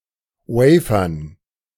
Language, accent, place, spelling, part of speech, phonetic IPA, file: German, Germany, Berlin, Wafern, noun, [ˈwɛɪ̯fɐn], De-Wafern.ogg
- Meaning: dative plural of Wafer